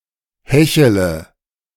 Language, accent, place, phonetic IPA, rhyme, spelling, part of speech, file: German, Germany, Berlin, [ˈhɛçələ], -ɛçələ, hechele, verb, De-hechele.ogg
- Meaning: inflection of hecheln: 1. first-person singular present 2. first-person plural subjunctive I 3. third-person singular subjunctive I 4. singular imperative